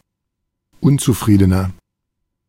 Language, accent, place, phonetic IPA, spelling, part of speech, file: German, Germany, Berlin, [ˈʊnt͡suˌfʁiːdənɐ], unzufriedener, adjective, De-unzufriedener.ogg
- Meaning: inflection of unzufrieden: 1. strong/mixed nominative masculine singular 2. strong genitive/dative feminine singular 3. strong genitive plural